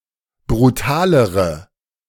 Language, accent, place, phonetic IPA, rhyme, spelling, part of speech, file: German, Germany, Berlin, [bʁuˈtaːləʁə], -aːləʁə, brutalere, adjective, De-brutalere.ogg
- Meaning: inflection of brutal: 1. strong/mixed nominative/accusative feminine singular comparative degree 2. strong nominative/accusative plural comparative degree